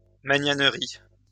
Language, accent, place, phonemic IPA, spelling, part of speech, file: French, France, Lyon, /ma.ɲan.ʁi/, magnanerie, noun, LL-Q150 (fra)-magnanerie.wav
- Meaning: magnanerie